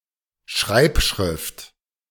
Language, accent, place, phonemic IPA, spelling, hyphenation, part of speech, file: German, Germany, Berlin, /ˈʃʁaɪ̯pˌʃʁɪft/, Schreibschrift, Schreib‧schrift, noun, De-Schreibschrift.ogg
- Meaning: cursive; script (a font for handwriting, typically but not necessarily with letters joined together)